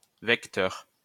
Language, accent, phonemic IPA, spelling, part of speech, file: French, France, /vɛk.tœʁ/, vecteur, adjective / noun, LL-Q150 (fra)-vecteur.wav
- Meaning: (adjective) disease-carrying; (noun) 1. disease-carrier, vector 2. vector (a directed quantity)